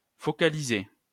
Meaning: to focus; to focalize
- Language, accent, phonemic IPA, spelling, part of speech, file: French, France, /fɔ.ka.li.ze/, focaliser, verb, LL-Q150 (fra)-focaliser.wav